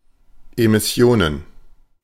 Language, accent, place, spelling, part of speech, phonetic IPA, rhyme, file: German, Germany, Berlin, Emissionen, noun, [emɪˈsi̯oːnən], -oːnən, De-Emissionen.ogg
- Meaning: plural of Emission